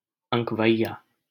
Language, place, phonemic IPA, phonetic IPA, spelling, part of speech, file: Hindi, Delhi, /ə̃k.ʋə̯i.jɑː/, [ɐ̃k.wɐ̯i.jäː], अँकवैया, noun, LL-Q1568 (hin)-अँकवैया.wav
- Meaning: valuer, appraiser, assessor